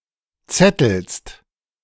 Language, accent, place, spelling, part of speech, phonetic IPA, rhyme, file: German, Germany, Berlin, zettelst, verb, [ˈt͡sɛtl̩st], -ɛtl̩st, De-zettelst.ogg
- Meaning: second-person singular present of zetteln